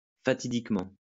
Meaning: fatedly, fatefully
- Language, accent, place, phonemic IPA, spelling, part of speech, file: French, France, Lyon, /fa.ti.dik.mɑ̃/, fatidiquement, adverb, LL-Q150 (fra)-fatidiquement.wav